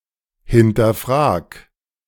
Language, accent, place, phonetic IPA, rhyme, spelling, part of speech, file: German, Germany, Berlin, [hɪntɐˈfʁaːk], -aːk, hinterfrag, verb, De-hinterfrag.ogg
- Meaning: 1. singular imperative of hinterfragen 2. first-person singular present of hinterfragen